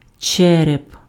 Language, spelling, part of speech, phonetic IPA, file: Ukrainian, череп, noun, [ˈt͡ʃɛrep], Uk-череп.ogg
- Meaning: 1. skull, cranium 2. broken piece of pottery, potsherd, shard (piece of ceramic from pottery)